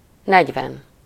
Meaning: forty
- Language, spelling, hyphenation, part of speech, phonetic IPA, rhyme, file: Hungarian, negyven, negy‧ven, numeral, [ˈnɛɟvɛn], -ɛn, Hu-negyven.ogg